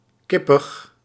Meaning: myopic, nearsighted (also figuratively, including as an insult)
- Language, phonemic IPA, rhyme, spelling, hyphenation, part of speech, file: Dutch, /ˈkɪ.pəx/, -ɪpəx, kippig, kip‧pig, adjective, Nl-kippig.ogg